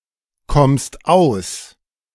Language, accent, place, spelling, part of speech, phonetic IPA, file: German, Germany, Berlin, kommst aus, verb, [ˌkɔmst ˈaʊ̯s], De-kommst aus.ogg
- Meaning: second-person singular present of auskommen